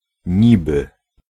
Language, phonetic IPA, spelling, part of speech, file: Polish, [ˈɲibɨ], niby, preposition / conjunction / particle, Pl-niby.ogg